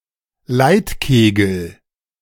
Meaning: traffic cone
- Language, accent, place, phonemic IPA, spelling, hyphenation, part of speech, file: German, Germany, Berlin, /ˈlaɪ̯tˌkeːɡəl/, Leitkegel, Leit‧ke‧gel, noun, De-Leitkegel.ogg